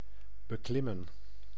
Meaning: to climb, to mount
- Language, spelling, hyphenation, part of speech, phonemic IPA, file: Dutch, beklimmen, be‧klim‧men, verb, /bəˈklɪmə(n)/, Nl-beklimmen.ogg